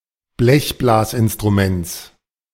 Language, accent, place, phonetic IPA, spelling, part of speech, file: German, Germany, Berlin, [ˈblɛçblaːsʔɪnstʁuˌmɛnt͡s], Blechblasinstruments, noun, De-Blechblasinstruments.ogg
- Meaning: genitive singular of Blechblasinstrument